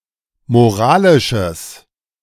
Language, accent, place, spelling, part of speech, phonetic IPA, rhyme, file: German, Germany, Berlin, moralisches, adjective, [moˈʁaːlɪʃəs], -aːlɪʃəs, De-moralisches.ogg
- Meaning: strong/mixed nominative/accusative neuter singular of moralisch